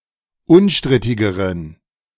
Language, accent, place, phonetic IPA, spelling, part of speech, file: German, Germany, Berlin, [ˈʊnˌʃtʁɪtɪɡəʁən], unstrittigeren, adjective, De-unstrittigeren.ogg
- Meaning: inflection of unstrittig: 1. strong genitive masculine/neuter singular comparative degree 2. weak/mixed genitive/dative all-gender singular comparative degree